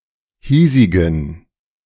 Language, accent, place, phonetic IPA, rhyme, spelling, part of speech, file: German, Germany, Berlin, [ˈhiːzɪɡn̩], -iːzɪɡn̩, hiesigen, adjective, De-hiesigen.ogg
- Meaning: inflection of hiesig: 1. strong genitive masculine/neuter singular 2. weak/mixed genitive/dative all-gender singular 3. strong/weak/mixed accusative masculine singular 4. strong dative plural